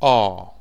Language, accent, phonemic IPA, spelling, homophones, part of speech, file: English, UK, /ɑː/, R, ah / or / oar / ore / are / our, character / numeral, En-uk-r.ogg
- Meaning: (character) The eighteenth letter of the English alphabet, called ar and written in the Latin script